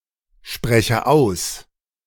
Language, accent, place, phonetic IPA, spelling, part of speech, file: German, Germany, Berlin, [ˌʃpʁɛçə ˈaʊ̯s], spreche aus, verb, De-spreche aus.ogg
- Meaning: inflection of aussprechen: 1. first-person singular present 2. first/third-person singular subjunctive I